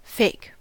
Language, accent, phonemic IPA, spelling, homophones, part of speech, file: English, US, /feɪ̯k/, fake, PHEIC, adjective / noun / verb, En-us-fake.ogg
- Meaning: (adjective) 1. Not real; false, fraudulent 2. Insincere; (noun) Something which is not genuine, or is presented fraudulently